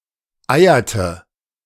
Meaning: inflection of eiern: 1. first/third-person singular preterite 2. first/third-person singular subjunctive II
- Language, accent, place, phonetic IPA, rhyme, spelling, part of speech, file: German, Germany, Berlin, [ˈaɪ̯ɐtə], -aɪ̯ɐtə, eierte, verb, De-eierte.ogg